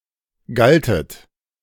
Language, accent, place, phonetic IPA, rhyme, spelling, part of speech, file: German, Germany, Berlin, [ˈɡaltət], -altət, galtet, verb, De-galtet.ogg
- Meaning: second-person plural preterite of gelten